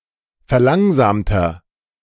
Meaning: inflection of verlangsamt: 1. strong/mixed nominative masculine singular 2. strong genitive/dative feminine singular 3. strong genitive plural
- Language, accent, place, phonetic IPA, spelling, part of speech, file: German, Germany, Berlin, [fɛɐ̯ˈlaŋzaːmtɐ], verlangsamter, adjective, De-verlangsamter.ogg